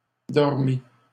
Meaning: feminine singular of dormi
- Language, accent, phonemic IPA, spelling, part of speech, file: French, Canada, /dɔʁ.mi/, dormie, verb, LL-Q150 (fra)-dormie.wav